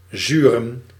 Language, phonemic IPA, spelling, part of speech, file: Dutch, /zyrə(n)/, zuren, verb / noun, Nl-zuren.ogg
- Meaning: plural of zuur